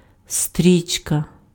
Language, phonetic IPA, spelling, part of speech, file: Ukrainian, [ˈstʲrʲit͡ʃkɐ], стрічка, noun, Uk-стрічка.ogg
- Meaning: 1. ribbon, band 2. tape 3. belt 4. film, movie 5. line